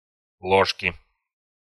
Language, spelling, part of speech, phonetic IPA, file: Russian, ложки, noun, [ˈɫoʂkʲɪ], Ru-ложки.ogg
- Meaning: inflection of ло́жка (lóžka): 1. genitive singular 2. nominative/accusative plural